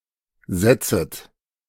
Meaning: second-person plural subjunctive I of setzen
- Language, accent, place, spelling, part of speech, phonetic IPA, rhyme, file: German, Germany, Berlin, setzet, verb, [ˈzɛt͡sət], -ɛt͡sət, De-setzet.ogg